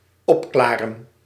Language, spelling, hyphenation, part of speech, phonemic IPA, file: Dutch, opklaren, op‧kla‧ren, verb, /ˈɔpˌklaːrə(n)/, Nl-opklaren.ogg
- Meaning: 1. to (make) clear(er), clarify 2. to fix, solve (especially a riddle etc.) 3. to become clear(er), to clear up 4. to (become) clear(er), clear up physically